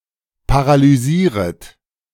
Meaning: second-person plural subjunctive I of paralysieren
- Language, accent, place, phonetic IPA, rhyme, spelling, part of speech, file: German, Germany, Berlin, [paʁalyˈziːʁət], -iːʁət, paralysieret, verb, De-paralysieret.ogg